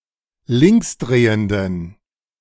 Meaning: inflection of linksdrehend: 1. strong genitive masculine/neuter singular 2. weak/mixed genitive/dative all-gender singular 3. strong/weak/mixed accusative masculine singular 4. strong dative plural
- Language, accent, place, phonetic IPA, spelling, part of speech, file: German, Germany, Berlin, [ˈlɪŋksˌdʁeːəndən], linksdrehenden, adjective, De-linksdrehenden.ogg